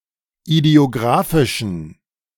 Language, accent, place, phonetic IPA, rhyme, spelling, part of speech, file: German, Germany, Berlin, [idi̯oˈɡʁaːfɪʃn̩], -aːfɪʃn̩, idiographischen, adjective, De-idiographischen.ogg
- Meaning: inflection of idiographisch: 1. strong genitive masculine/neuter singular 2. weak/mixed genitive/dative all-gender singular 3. strong/weak/mixed accusative masculine singular 4. strong dative plural